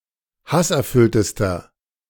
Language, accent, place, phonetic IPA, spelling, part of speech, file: German, Germany, Berlin, [ˈhasʔɛɐ̯ˌfʏltəstɐ], hasserfülltester, adjective, De-hasserfülltester.ogg
- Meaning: inflection of hasserfüllt: 1. strong/mixed nominative masculine singular superlative degree 2. strong genitive/dative feminine singular superlative degree 3. strong genitive plural superlative degree